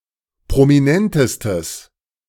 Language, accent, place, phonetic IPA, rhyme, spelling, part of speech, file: German, Germany, Berlin, [pʁomiˈnɛntəstəs], -ɛntəstəs, prominentestes, adjective, De-prominentestes.ogg
- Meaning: strong/mixed nominative/accusative neuter singular superlative degree of prominent